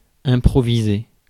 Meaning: to improvise
- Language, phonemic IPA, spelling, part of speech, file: French, /ɛ̃.pʁɔ.vi.ze/, improviser, verb, Fr-improviser.ogg